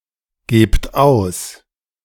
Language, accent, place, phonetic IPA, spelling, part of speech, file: German, Germany, Berlin, [ˌɡeːpt ˈaʊ̯s], gebt aus, verb, De-gebt aus.ogg
- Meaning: inflection of ausgeben: 1. second-person plural present 2. plural imperative